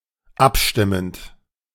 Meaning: present participle of abstimmen
- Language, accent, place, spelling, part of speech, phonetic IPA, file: German, Germany, Berlin, abstimmend, verb, [ˈapˌʃtɪmənt], De-abstimmend.ogg